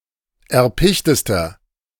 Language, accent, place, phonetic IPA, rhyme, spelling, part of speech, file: German, Germany, Berlin, [ɛɐ̯ˈpɪçtəstɐ], -ɪçtəstɐ, erpichtester, adjective, De-erpichtester.ogg
- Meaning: inflection of erpicht: 1. strong/mixed nominative masculine singular superlative degree 2. strong genitive/dative feminine singular superlative degree 3. strong genitive plural superlative degree